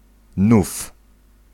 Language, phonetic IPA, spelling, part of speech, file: Polish, [nuf], nów, noun, Pl-nów.ogg